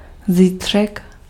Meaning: tomorrow
- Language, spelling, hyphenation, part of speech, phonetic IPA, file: Czech, zítřek, zí‧t‧řek, noun, [ˈziːtr̝̊ɛk], Cs-zítřek.ogg